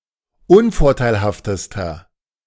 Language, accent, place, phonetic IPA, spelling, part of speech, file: German, Germany, Berlin, [ˈʊnfɔʁtaɪ̯lhaftəstɐ], unvorteilhaftester, adjective, De-unvorteilhaftester.ogg
- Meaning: inflection of unvorteilhaft: 1. strong/mixed nominative masculine singular superlative degree 2. strong genitive/dative feminine singular superlative degree